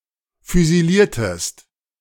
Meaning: inflection of füsilieren: 1. second-person singular preterite 2. second-person singular subjunctive II
- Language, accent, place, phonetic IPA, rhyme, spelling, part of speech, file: German, Germany, Berlin, [fyziˈliːɐ̯təst], -iːɐ̯təst, füsiliertest, verb, De-füsiliertest.ogg